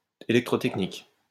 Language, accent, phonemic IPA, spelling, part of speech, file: French, France, /e.lɛk.tʁo.tɛk.nik/, électrotechnique, adjective / noun, LL-Q150 (fra)-électrotechnique.wav
- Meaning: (adjective) electrotechnical; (noun) electrical technology